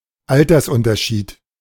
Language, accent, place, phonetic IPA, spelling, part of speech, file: German, Germany, Berlin, [ˈaltɐsʊntʰɐˌʃiːt], Altersunterschied, noun, De-Altersunterschied.ogg
- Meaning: age difference, age gap